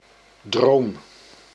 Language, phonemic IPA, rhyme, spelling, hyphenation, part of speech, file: Dutch, /droːm/, -oːm, droom, droom, noun / verb, Nl-droom.ogg
- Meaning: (noun) dream; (verb) inflection of dromen: 1. first-person singular present indicative 2. second-person singular present indicative 3. imperative